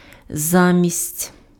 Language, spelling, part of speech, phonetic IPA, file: Ukrainian, замість, preposition, [ˈzamʲisʲtʲ], Uk-замість.ogg
- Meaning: instead of, in place of